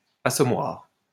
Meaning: 1. cosh or similar weapon 2. boozer (low-class drinking establishment) 3. murder hole
- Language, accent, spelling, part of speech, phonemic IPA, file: French, France, assommoir, noun, /a.sɔ.mwaʁ/, LL-Q150 (fra)-assommoir.wav